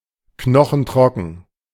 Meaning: bone-dry
- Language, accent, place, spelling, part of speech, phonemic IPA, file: German, Germany, Berlin, knochentrocken, adjective, /ˈknɔχŋ̍ˈtʁɔkŋ̍/, De-knochentrocken.ogg